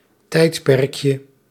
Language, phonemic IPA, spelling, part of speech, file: Dutch, /ˈtɛitpɛrᵊkjə/, tijdperkje, noun, Nl-tijdperkje.ogg
- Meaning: diminutive of tijdperk